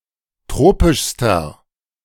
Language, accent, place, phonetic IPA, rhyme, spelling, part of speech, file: German, Germany, Berlin, [ˈtʁoːpɪʃstɐ], -oːpɪʃstɐ, tropischster, adjective, De-tropischster.ogg
- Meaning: inflection of tropisch: 1. strong/mixed nominative masculine singular superlative degree 2. strong genitive/dative feminine singular superlative degree 3. strong genitive plural superlative degree